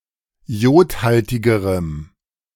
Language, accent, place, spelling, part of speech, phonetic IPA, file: German, Germany, Berlin, jodhaltigerem, adjective, [ˈjoːtˌhaltɪɡəʁəm], De-jodhaltigerem.ogg
- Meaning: strong dative masculine/neuter singular comparative degree of jodhaltig